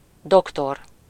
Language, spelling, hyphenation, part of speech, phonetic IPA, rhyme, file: Hungarian, doktor, dok‧tor, noun, [ˈdoktor], -or, Hu-doktor.ogg
- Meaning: 1. doctor, physician (a member of the medical profession) 2. doctor (a person who has attained a doctorate)